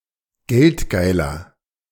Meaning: 1. comparative degree of geldgeil 2. inflection of geldgeil: strong/mixed nominative masculine singular 3. inflection of geldgeil: strong genitive/dative feminine singular
- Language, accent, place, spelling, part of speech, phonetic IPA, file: German, Germany, Berlin, geldgeiler, adjective, [ˈɡɛltˌɡaɪ̯lɐ], De-geldgeiler.ogg